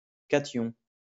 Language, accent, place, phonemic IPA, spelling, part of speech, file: French, France, Lyon, /ka.tjɔ̃/, cation, noun, LL-Q150 (fra)-cation.wav
- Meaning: cation